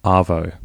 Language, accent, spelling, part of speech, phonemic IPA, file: English, Australia, arvo, noun, /ˈɐː.vəʉ/, En-au-arvo.ogg
- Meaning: Afternoon